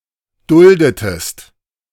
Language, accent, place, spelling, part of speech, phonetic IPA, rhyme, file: German, Germany, Berlin, duldetest, verb, [ˈdʊldətəst], -ʊldətəst, De-duldetest.ogg
- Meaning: inflection of dulden: 1. second-person singular preterite 2. second-person singular subjunctive II